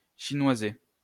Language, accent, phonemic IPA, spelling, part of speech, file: French, France, /ʃi.nwa.ze/, chinoiser, verb, LL-Q150 (fra)-chinoiser.wav
- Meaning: to argue; to quibble; to squabble